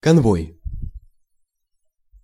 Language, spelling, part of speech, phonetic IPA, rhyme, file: Russian, конвой, noun, [kɐnˈvoj], -oj, Ru-конвой.ogg
- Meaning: escort, convoy